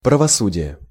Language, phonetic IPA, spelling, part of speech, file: Russian, [prəvɐˈsudʲɪje], правосудие, noun, Ru-правосудие.ogg
- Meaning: justice (the civil power dealing with law)